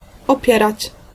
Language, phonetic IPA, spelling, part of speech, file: Polish, [ɔˈpʲjɛrat͡ɕ], opierać, verb, Pl-opierać.ogg